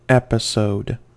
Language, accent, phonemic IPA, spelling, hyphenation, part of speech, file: English, General American, /ˈɛp.ə.soʊd/, episode, epi‧sode, noun, En-us-episode.ogg
- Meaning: A discrete but connected event, situation, or period within a broader sequence, narrative, or life course